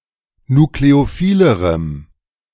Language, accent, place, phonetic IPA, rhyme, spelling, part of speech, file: German, Germany, Berlin, [nukleoˈfiːləʁəm], -iːləʁəm, nukleophilerem, adjective, De-nukleophilerem.ogg
- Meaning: strong dative masculine/neuter singular comparative degree of nukleophil